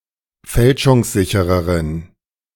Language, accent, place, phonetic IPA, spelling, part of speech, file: German, Germany, Berlin, [ˈfɛlʃʊŋsˌzɪçəʁəʁən], fälschungssichereren, adjective, De-fälschungssichereren.ogg
- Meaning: inflection of fälschungssicher: 1. strong genitive masculine/neuter singular comparative degree 2. weak/mixed genitive/dative all-gender singular comparative degree